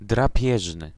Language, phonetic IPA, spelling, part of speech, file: Polish, [draˈpʲjɛʒnɨ], drapieżny, adjective, Pl-drapieżny.ogg